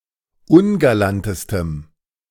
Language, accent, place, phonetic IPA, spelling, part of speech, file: German, Germany, Berlin, [ˈʊnɡalantəstəm], ungalantestem, adjective, De-ungalantestem.ogg
- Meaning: strong dative masculine/neuter singular superlative degree of ungalant